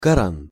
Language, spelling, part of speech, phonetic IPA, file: Russian, Коран, proper noun, [kɐˈran], Ru-Коран.ogg
- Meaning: The Qur'an